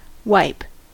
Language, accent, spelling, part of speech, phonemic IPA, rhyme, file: English, US, wipe, verb / noun, /waɪp/, -aɪp, En-us-wipe.ogg
- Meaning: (verb) 1. To move an object over, maintaining contact, with the intention of removing some substance from the surface. (Compare rub.) 2. To smear (a substance) with this kind of motion